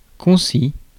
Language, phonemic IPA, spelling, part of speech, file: French, /kɔ̃.si/, concis, adjective, Fr-concis.ogg
- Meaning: concise